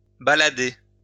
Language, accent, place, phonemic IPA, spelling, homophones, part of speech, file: French, France, Lyon, /ba.la.de/, balader, baladai / baladé / baladée / baladées / baladez / baladés, verb, LL-Q150 (fra)-balader.wav
- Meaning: 1. to stroll, walk around 2. to give someone the runaround 3. to go for a walk, to trail